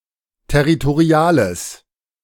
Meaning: strong/mixed nominative/accusative neuter singular of territorial
- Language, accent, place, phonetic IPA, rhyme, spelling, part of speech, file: German, Germany, Berlin, [tɛʁitoˈʁi̯aːləs], -aːləs, territoriales, adjective, De-territoriales.ogg